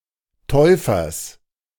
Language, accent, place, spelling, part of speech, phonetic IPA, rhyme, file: German, Germany, Berlin, Täufers, noun, [ˈtɔɪ̯fɐs], -ɔɪ̯fɐs, De-Täufers.ogg
- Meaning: genitive singular of Täufer